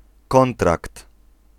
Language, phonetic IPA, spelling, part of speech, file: Polish, [ˈkɔ̃ntrakt], kontrakt, noun, Pl-kontrakt.ogg